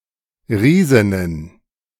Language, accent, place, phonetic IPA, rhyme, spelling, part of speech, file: German, Germany, Berlin, [ˈʁiːzɪnən], -iːzɪnən, Riesinnen, noun, De-Riesinnen.ogg
- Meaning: plural of Riesin